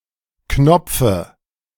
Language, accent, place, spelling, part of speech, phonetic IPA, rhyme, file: German, Germany, Berlin, Knopfe, noun, [ˈknɔp͡fə], -ɔp͡fə, De-Knopfe.ogg
- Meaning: dative singular of Knopf